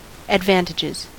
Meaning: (noun) plural of advantage; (verb) third-person singular simple present indicative of advantage
- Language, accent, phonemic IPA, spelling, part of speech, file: English, US, /ədˈvæn.(t)ɪ.d͡ʒɪz/, advantages, noun / verb, En-us-advantages.ogg